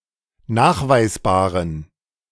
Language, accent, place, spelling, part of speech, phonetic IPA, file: German, Germany, Berlin, nachweisbaren, adjective, [ˈnaːxvaɪ̯sˌbaːʁən], De-nachweisbaren.ogg
- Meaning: inflection of nachweisbar: 1. strong genitive masculine/neuter singular 2. weak/mixed genitive/dative all-gender singular 3. strong/weak/mixed accusative masculine singular 4. strong dative plural